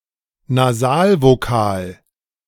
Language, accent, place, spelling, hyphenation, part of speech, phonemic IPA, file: German, Germany, Berlin, Nasalvokal, Na‧sal‧vo‧kal, noun, /naˈzaːlvoˌkaːl/, De-Nasalvokal.ogg
- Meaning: nasal vowel